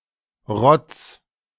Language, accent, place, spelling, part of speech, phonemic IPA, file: German, Germany, Berlin, Rotz, noun, /ʁɔt͡s/, De-Rotz.ogg
- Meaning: 1. snot 2. glanders